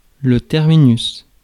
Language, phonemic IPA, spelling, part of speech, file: French, /tɛʁ.mi.nys/, terminus, noun, Fr-terminus.ogg
- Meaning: terminus